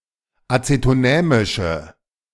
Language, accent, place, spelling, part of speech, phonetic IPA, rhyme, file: German, Germany, Berlin, azetonämische, adjective, [ˌat͡setoˈnɛːmɪʃə], -ɛːmɪʃə, De-azetonämische.ogg
- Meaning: inflection of azetonämisch: 1. strong/mixed nominative/accusative feminine singular 2. strong nominative/accusative plural 3. weak nominative all-gender singular